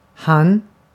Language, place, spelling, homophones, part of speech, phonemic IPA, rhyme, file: Swedish, Gotland, han, hann, pronoun, /hanː/, -an, Sv-han.ogg
- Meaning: 1. he, the third person singular, masculine, nominative case 2. him